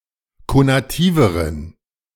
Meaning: inflection of konativ: 1. strong genitive masculine/neuter singular comparative degree 2. weak/mixed genitive/dative all-gender singular comparative degree
- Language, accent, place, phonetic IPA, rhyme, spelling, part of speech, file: German, Germany, Berlin, [konaˈtiːvəʁən], -iːvəʁən, konativeren, adjective, De-konativeren.ogg